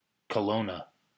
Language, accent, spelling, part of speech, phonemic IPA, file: English, Canada, Kelowna, proper noun, /kəˈloʊnə/, EN-CA-Kelowna.ogg
- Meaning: A city in British Columbia, Canada, headquarters of the Regional District of Central Okanagan